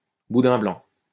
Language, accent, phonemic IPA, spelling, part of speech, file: French, France, /bu.dɛ̃ blɑ̃/, boudin blanc, noun, LL-Q150 (fra)-boudin blanc.wav
- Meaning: white pudding; a kind of sausage made with milk, bread or flour, often onions and meat from pork, veal, poultry, etc